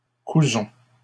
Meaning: inflection of coudre: 1. first-person plural present indicative 2. first-person plural imperative
- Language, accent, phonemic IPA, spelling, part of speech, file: French, Canada, /ku.zɔ̃/, cousons, verb, LL-Q150 (fra)-cousons.wav